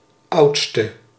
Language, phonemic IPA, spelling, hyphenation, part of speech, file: Dutch, /ˈɑu̯t.stə/, oudste, oud‧ste, adjective / noun, Nl-oudste.ogg
- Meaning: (adjective) inflection of oudst, the superlative degree of oud: 1. masculine/feminine singular attributive 2. definite neuter singular attributive 3. plural attributive; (noun) elder